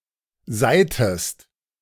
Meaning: inflection of seihen: 1. second-person singular preterite 2. second-person singular subjunctive II
- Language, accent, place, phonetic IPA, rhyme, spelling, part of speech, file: German, Germany, Berlin, [ˈzaɪ̯təst], -aɪ̯təst, seihtest, verb, De-seihtest.ogg